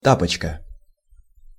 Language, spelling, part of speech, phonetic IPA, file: Russian, тапочка, noun, [ˈtapət͡ɕkə], Ru-тапочка.ogg
- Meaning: slipper